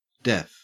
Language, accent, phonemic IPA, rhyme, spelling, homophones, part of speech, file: English, Australia, /dɛf/, -ɛf, def, deaf, noun / adverb / adjective, En-au-def.ogg
- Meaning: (noun) 1. Abbreviation of definition 2. Abbreviation of deficit; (adverb) Clipping of definitely; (adjective) Excellent; very good